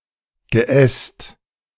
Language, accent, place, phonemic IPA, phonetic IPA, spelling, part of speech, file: German, Germany, Berlin, /ɡəˈɛst/, [ɡəˈʔɛst], Geäst, noun, De-Geäst.ogg
- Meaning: boughs, branches